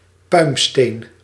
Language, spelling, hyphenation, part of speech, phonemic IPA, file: Dutch, puimsteen, puim‧steen, noun, /ˈpœy̯m.steːn/, Nl-puimsteen.ogg
- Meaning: pumice